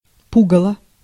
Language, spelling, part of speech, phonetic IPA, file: Russian, пугало, noun, [ˈpuɡəɫə], Ru-пугало.ogg
- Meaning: 1. scarecrow 2. bugaboo, bugbear 3. fright